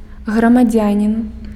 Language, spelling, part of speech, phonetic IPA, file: Belarusian, грамадзянін, noun, [ɣramaˈd͡zʲanʲin], Be-грамадзянін.ogg
- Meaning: citizen